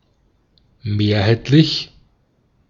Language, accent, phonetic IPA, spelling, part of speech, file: German, Austria, [ˈmeːɐ̯haɪ̯tlɪç], mehrheitlich, adjective, De-at-mehrheitlich.ogg
- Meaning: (adjective) majority; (adverb) 1. predominantly 2. preponderantly